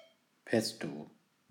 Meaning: pesto
- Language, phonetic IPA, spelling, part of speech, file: German, [ˈpɛsto], Pesto, noun, De-Pesto.ogg